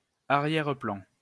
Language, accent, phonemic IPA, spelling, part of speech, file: French, France, /a.ʁjɛʁ.plɑ̃/, arrière-plan, noun, LL-Q150 (fra)-arrière-plan.wav
- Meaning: background (part of picture)